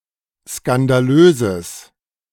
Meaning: strong/mixed nominative/accusative neuter singular of skandalös
- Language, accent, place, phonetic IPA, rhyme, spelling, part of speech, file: German, Germany, Berlin, [skandaˈløːzəs], -øːzəs, skandalöses, adjective, De-skandalöses.ogg